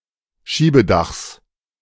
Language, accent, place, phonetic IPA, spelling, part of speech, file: German, Germany, Berlin, [ˈʃiːbəˌdaxs], Schiebedachs, noun, De-Schiebedachs.ogg
- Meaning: genitive of Schiebedach